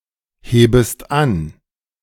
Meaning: second-person singular subjunctive I of anheben
- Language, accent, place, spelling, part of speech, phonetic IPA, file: German, Germany, Berlin, hebest an, verb, [ˌheːbəst ˈan], De-hebest an.ogg